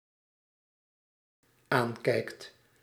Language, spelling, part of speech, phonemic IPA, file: Dutch, aankijkt, verb, /ˈaɲkɛikt/, Nl-aankijkt.ogg
- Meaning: second/third-person singular dependent-clause present indicative of aankijken